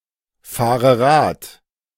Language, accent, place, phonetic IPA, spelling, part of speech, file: German, Germany, Berlin, [ˌfaːʁə ˈʁaːt], fahre Rad, verb, De-fahre Rad.ogg
- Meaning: inflection of Rad fahren: 1. first-person singular present 2. first/third-person singular subjunctive I 3. singular imperative